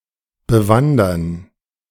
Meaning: to explore by hiking
- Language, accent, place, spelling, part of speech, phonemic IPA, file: German, Germany, Berlin, bewandern, verb, /bəˈvandɐn/, De-bewandern.ogg